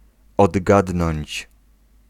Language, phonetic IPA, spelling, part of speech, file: Polish, [ɔdˈɡadnɔ̃ɲt͡ɕ], odgadnąć, verb, Pl-odgadnąć.ogg